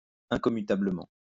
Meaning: incommutably
- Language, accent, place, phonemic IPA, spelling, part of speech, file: French, France, Lyon, /ɛ̃.kɔ.my.ta.blə.mɑ̃/, incommutablement, adverb, LL-Q150 (fra)-incommutablement.wav